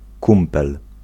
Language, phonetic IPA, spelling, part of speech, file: Polish, [ˈkũmpɛl], kumpel, noun, Pl-kumpel.ogg